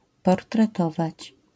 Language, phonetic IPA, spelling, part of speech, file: Polish, [ˌpɔrtrɛˈtɔvat͡ɕ], portretować, verb, LL-Q809 (pol)-portretować.wav